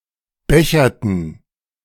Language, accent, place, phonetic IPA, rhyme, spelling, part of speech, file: German, Germany, Berlin, [ˈbɛçɐtn̩], -ɛçɐtn̩, becherten, verb, De-becherten.ogg
- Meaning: inflection of bechern: 1. first/third-person plural preterite 2. first/third-person plural subjunctive II